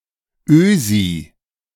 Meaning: Austrian
- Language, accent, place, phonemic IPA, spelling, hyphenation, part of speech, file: German, Germany, Berlin, /ˈøːzi/, Ösi, Ösi, noun, De-Ösi.ogg